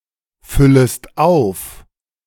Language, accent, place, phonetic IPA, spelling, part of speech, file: German, Germany, Berlin, [ˌfʏləst ˈaʊ̯f], füllest auf, verb, De-füllest auf.ogg
- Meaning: second-person singular subjunctive I of auffüllen